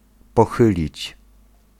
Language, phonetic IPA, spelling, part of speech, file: Polish, [pɔˈxɨlʲit͡ɕ], pochylić, verb, Pl-pochylić.ogg